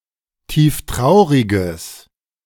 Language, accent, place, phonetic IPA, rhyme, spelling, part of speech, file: German, Germany, Berlin, [ˌtiːfˈtʁaʊ̯ʁɪɡəs], -aʊ̯ʁɪɡəs, tieftrauriges, adjective, De-tieftrauriges.ogg
- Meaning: strong/mixed nominative/accusative neuter singular of tieftraurig